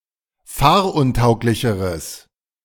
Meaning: strong/mixed nominative/accusative neuter singular comparative degree of fahruntauglich
- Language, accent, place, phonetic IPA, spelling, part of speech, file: German, Germany, Berlin, [ˈfaːɐ̯ʔʊnˌtaʊ̯klɪçəʁəs], fahruntauglicheres, adjective, De-fahruntauglicheres.ogg